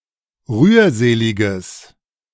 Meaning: strong/mixed nominative/accusative neuter singular of rührselig
- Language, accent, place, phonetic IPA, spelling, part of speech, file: German, Germany, Berlin, [ˈʁyːɐ̯ˌzeːlɪɡəs], rührseliges, adjective, De-rührseliges.ogg